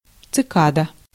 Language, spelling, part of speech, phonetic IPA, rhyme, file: Russian, цикада, noun, [t͡sɨˈkadə], -adə, Ru-цикада.ogg
- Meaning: cicada